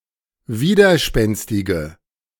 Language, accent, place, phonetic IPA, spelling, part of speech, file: German, Germany, Berlin, [ˈviːdɐˌʃpɛnstɪɡə], widerspenstige, adjective, De-widerspenstige.ogg
- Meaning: inflection of widerspenstig: 1. strong/mixed nominative/accusative feminine singular 2. strong nominative/accusative plural 3. weak nominative all-gender singular